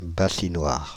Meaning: warming pan
- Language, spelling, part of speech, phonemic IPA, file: French, bassinoire, noun, /ba.si.nwaʁ/, Fr-bassinoire.ogg